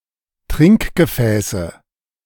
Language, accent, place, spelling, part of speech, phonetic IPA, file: German, Germany, Berlin, Trinkgefäße, noun, [ˈtʁɪŋkɡəˌfɛːsə], De-Trinkgefäße.ogg
- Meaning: nominative/accusative/genitive plural of Trinkgefäß